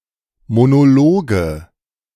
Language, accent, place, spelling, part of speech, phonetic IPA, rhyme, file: German, Germany, Berlin, Monologe, noun, [monoˈloːɡə], -oːɡə, De-Monologe.ogg
- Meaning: nominative/accusative/genitive plural of Monolog